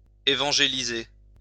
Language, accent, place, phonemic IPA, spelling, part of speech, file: French, France, Lyon, /e.vɑ̃.ʒe.li.ze/, évangéliser, verb, LL-Q150 (fra)-évangéliser.wav
- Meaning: to evangelise